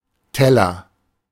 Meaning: plate, dish
- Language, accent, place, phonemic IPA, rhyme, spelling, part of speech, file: German, Germany, Berlin, /ˈtɛ.lɐ/, -ɛlɐ, Teller, noun, De-Teller.ogg